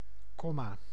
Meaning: comma
- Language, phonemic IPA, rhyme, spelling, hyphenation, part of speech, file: Dutch, /ˈkɔ.maː/, -ɔmaː, komma, kom‧ma, noun, Nl-komma.ogg